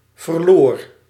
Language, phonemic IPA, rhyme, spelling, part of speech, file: Dutch, /vərˈloːr/, -oːr, verloor, verb, Nl-verloor.ogg
- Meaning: singular past indicative of verliezen